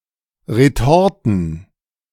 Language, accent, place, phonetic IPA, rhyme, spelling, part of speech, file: German, Germany, Berlin, [ʁeˈtɔʁtn̩], -ɔʁtn̩, Retorten, noun, De-Retorten.ogg
- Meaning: plural of Retorte